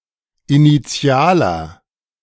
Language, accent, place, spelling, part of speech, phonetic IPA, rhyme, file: German, Germany, Berlin, initialer, adjective, [iniˈt͡si̯aːlɐ], -aːlɐ, De-initialer.ogg
- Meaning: inflection of initial: 1. strong/mixed nominative masculine singular 2. strong genitive/dative feminine singular 3. strong genitive plural